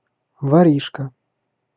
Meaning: 1. petty thief 2. young thief
- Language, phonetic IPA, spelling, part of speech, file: Russian, [vɐˈrʲiʂkə], воришка, noun, Ru-воришка.ogg